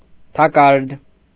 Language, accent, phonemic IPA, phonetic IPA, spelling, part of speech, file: Armenian, Eastern Armenian, /tʰɑˈkɑɾd/, [tʰɑkɑ́ɾd], թակարդ, noun, Hy-թակարդ.ogg
- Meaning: 1. trap, snare, net (contraption for catching animals) 2. trap, snare, trick (design to trick people) 3. trap (space or circumstance impossible to escape from)